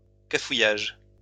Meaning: screw-up
- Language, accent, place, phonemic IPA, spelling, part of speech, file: French, France, Lyon, /ka.fu.jaʒ/, cafouillage, noun, LL-Q150 (fra)-cafouillage.wav